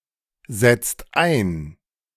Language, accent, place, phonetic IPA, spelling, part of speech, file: German, Germany, Berlin, [ˌzɛt͡st ˈaɪ̯n], setzt ein, verb, De-setzt ein.ogg
- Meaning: inflection of einsetzen: 1. second/third-person singular present 2. second-person plural present 3. plural imperative